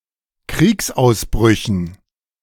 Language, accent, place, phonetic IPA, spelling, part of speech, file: German, Germany, Berlin, [ˈkʁiːksʔaʊ̯sˌbʁʏçn̩], Kriegsausbrüchen, noun, De-Kriegsausbrüchen.ogg
- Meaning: dative plural of Kriegsausbruch